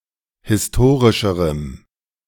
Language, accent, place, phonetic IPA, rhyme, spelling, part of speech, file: German, Germany, Berlin, [hɪsˈtoːʁɪʃəʁəm], -oːʁɪʃəʁəm, historischerem, adjective, De-historischerem.ogg
- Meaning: strong dative masculine/neuter singular comparative degree of historisch